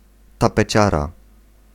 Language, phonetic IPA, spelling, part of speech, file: Polish, [ˌtapɛˈt͡ɕara], tapeciara, noun, Pl-tapeciara.ogg